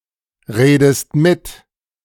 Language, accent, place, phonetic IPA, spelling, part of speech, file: German, Germany, Berlin, [ˌʁeːdəst ˈmɪt], redest mit, verb, De-redest mit.ogg
- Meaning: inflection of mitreden: 1. second-person singular present 2. second-person singular subjunctive I